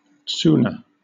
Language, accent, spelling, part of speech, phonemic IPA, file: English, Southern England, tsuna, noun, /ˈ(t)suːnə/, LL-Q1860 (eng)-tsuna.wav
- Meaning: the wide ceremonial belt, with hanging zigzag ribbons, worn by a yokozuna